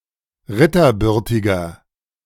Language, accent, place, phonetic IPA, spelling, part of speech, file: German, Germany, Berlin, [ˈʁɪtɐˌbʏʁtɪɡɐ], ritterbürtiger, adjective, De-ritterbürtiger.ogg
- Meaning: inflection of ritterbürtig: 1. strong/mixed nominative masculine singular 2. strong genitive/dative feminine singular 3. strong genitive plural